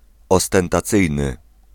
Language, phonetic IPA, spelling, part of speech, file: Polish, [ˌɔstɛ̃ntaˈt͡sɨjnɨ], ostentacyjny, adjective, Pl-ostentacyjny.ogg